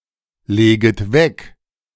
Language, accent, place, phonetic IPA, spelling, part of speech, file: German, Germany, Berlin, [ˌleːɡət ˈvɛk], leget weg, verb, De-leget weg.ogg
- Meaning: second-person plural subjunctive I of weglegen